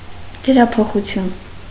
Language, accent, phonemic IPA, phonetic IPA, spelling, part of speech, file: Armenian, Eastern Armenian, /dəɾɑpʰoχuˈtʰjun/, [dəɾɑpʰoχut͡sʰjún], դրափոխություն, noun, Hy-դրափոխություն.ogg
- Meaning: metathesis